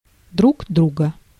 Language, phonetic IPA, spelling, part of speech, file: Russian, [druɡ ˈdruɡə], друг друга, pronoun, Ru-друг друга.ogg
- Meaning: one another, each other